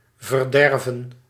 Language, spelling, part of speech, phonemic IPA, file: Dutch, verderven, verb, /vərˈdɛrvə(n)/, Nl-verderven.ogg
- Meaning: to spoil, to ruin, to corrupt